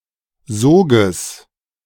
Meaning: genitive of Sog
- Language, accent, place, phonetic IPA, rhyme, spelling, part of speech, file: German, Germany, Berlin, [ˈzoːɡəs], -oːɡəs, Soges, noun, De-Soges.ogg